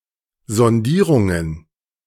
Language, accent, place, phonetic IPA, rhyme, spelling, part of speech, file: German, Germany, Berlin, [zɔnˈdiːʁʊŋən], -iːʁʊŋən, Sondierungen, noun, De-Sondierungen.ogg
- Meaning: plural of Sondierung